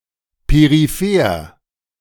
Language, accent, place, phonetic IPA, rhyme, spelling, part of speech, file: German, Germany, Berlin, [peʁiˈfeːɐ̯], -eːɐ̯, peripher, adjective, De-peripher.ogg
- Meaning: peripheral